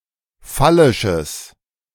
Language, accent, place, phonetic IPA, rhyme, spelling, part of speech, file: German, Germany, Berlin, [ˈfalɪʃəs], -alɪʃəs, phallisches, adjective, De-phallisches.ogg
- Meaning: strong/mixed nominative/accusative neuter singular of phallisch